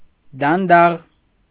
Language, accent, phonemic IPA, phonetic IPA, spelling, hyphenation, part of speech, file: Armenian, Eastern Armenian, /dɑnˈdɑʁ/, [dɑndɑ́ʁ], դանդաղ, դան‧դաղ, adjective / adverb, Hy-դանդաղ.ogg
- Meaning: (adjective) 1. slow 2. slow, dim-witted, stupid; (adverb) slowly